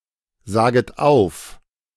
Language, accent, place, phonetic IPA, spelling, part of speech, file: German, Germany, Berlin, [ˌzaːɡət ˈaʊ̯f], saget auf, verb, De-saget auf.ogg
- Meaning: second-person plural subjunctive I of aufsagen